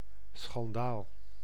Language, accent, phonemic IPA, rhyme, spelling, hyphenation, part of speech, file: Dutch, Netherlands, /sxɑnˈdaːl/, -aːl, schandaal, schan‧daal, noun, Nl-schandaal.ogg
- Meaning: scandal